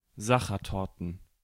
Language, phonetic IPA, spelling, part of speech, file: German, [ˈzaxɐˌtɔʁtn̩], Sachertorten, noun, De-Sachertorten.ogg
- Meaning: plural of Sachertorte